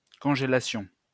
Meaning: freezing
- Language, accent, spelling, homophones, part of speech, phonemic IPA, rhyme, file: French, France, congélation, congélations, noun, /kɔ̃.ʒe.la.sjɔ̃/, -jɔ̃, LL-Q150 (fra)-congélation.wav